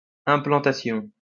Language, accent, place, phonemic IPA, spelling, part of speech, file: French, France, Lyon, /ɛ̃.plɑ̃.ta.sjɔ̃/, implantation, noun, LL-Q150 (fra)-implantation.wav
- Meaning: implantation